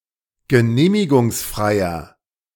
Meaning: inflection of genehmigungsfrei: 1. strong/mixed nominative masculine singular 2. strong genitive/dative feminine singular 3. strong genitive plural
- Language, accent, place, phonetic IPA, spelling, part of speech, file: German, Germany, Berlin, [ɡəˈneːmɪɡʊŋsˌfʁaɪ̯ɐ], genehmigungsfreier, adjective, De-genehmigungsfreier.ogg